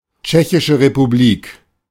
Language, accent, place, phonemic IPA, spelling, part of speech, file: German, Germany, Berlin, /ˌtʃɛçɪʃeʁepuˈbliːk/, Tschechische Republik, proper noun, De-Tschechische Republik.ogg
- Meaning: Czech Republic (a country in Central Europe)